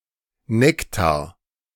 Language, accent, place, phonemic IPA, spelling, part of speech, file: German, Germany, Berlin, /ˈnɛktaːɐ̯/, Nektar, noun, De-Nektar.ogg
- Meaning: 1. nectar 2. fruit juice with added sugar